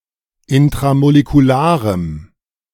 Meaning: strong dative masculine/neuter singular of intramolekular
- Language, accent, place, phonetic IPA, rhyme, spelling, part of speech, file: German, Germany, Berlin, [ɪntʁamolekuˈlaːʁəm], -aːʁəm, intramolekularem, adjective, De-intramolekularem.ogg